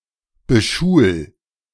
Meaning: 1. singular imperative of beschulen 2. first-person singular present of beschulen
- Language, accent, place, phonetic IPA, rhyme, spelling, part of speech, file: German, Germany, Berlin, [bəˈʃuːl], -uːl, beschul, verb, De-beschul.ogg